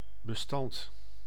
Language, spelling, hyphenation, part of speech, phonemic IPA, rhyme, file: Dutch, bestand, be‧stand, noun / adjective, /bəˈstɑnt/, -ɑnt, Nl-bestand.ogg
- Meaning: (noun) 1. archive, file 2. file 3. truce; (adjective) capable of withstanding, capable to withstand